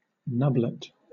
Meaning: A small nub or protrusion
- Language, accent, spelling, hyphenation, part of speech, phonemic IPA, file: English, Southern England, nublet, nub‧let, noun, /ˈnʌblɪt/, LL-Q1860 (eng)-nublet.wav